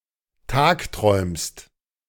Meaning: second-person singular present of tagträumen
- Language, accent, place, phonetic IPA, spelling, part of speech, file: German, Germany, Berlin, [ˈtaːkˌtʁɔɪ̯mst], tagträumst, verb, De-tagträumst.ogg